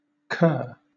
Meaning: 1. A contemptible or inferior dog 2. A detestable person 3. A sheepdog or watchdog
- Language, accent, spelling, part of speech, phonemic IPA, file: English, Southern England, cur, noun, /kɜː/, LL-Q1860 (eng)-cur.wav